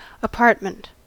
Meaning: 1. A complete domicile occupying only part of a building, especially one for rent; a flat 2. A suite of rooms within a domicile, designated for a specific person or persons and including a bedroom
- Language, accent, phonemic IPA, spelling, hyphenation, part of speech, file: English, US, /əˈpɑɹt.mənt/, apartment, a‧part‧ment, noun, En-us-apartment.ogg